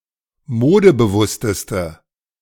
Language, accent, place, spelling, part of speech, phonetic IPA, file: German, Germany, Berlin, modebewussteste, adjective, [ˈmoːdəbəˌvʊstəstə], De-modebewussteste.ogg
- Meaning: inflection of modebewusst: 1. strong/mixed nominative/accusative feminine singular superlative degree 2. strong nominative/accusative plural superlative degree